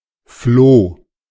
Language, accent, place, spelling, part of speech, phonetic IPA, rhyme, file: German, Germany, Berlin, floh, verb, [floː], -oː, De-floh.ogg
- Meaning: first/third-person singular preterite of fliehen